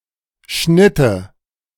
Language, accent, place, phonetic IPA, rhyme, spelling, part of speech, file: German, Germany, Berlin, [ˈʃnɪtə], -ɪtə, schnitte, verb, De-schnitte.ogg
- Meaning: first/third-person singular subjunctive II of schneiden